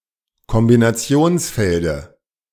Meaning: dative singular of Kombinationsfeld
- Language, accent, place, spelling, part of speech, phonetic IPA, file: German, Germany, Berlin, Kombinationsfelde, noun, [kɔmbinaˈt͡si̯oːnsˌfɛldə], De-Kombinationsfelde.ogg